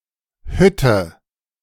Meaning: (noun) 1. hut, cabin, shack, cottage (small house, typically built of light materials rather than stone) 2. metalworks, ironworks (factory that produces metal)
- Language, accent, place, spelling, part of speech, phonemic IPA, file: German, Germany, Berlin, Hütte, noun / proper noun, /ˈhʏtə/, De-Hütte.ogg